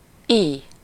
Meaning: such
- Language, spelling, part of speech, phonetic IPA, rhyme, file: Hungarian, ily, pronoun, [ˈij], -ij, Hu-ily.ogg